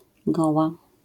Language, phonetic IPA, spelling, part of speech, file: Polish, [ˈɡɔwa], goła, adjective / noun, LL-Q809 (pol)-goła.wav